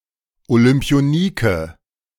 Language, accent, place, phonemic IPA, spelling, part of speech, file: German, Germany, Berlin, /olʏmpi̯oˈniːkə/, Olympionike, noun, De-Olympionike.ogg
- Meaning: Olympian